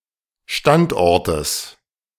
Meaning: genitive singular of Standort
- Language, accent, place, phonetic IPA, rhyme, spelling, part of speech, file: German, Germany, Berlin, [ˈʃtantˌʔɔʁtəs], -antʔɔʁtəs, Standortes, noun, De-Standortes.ogg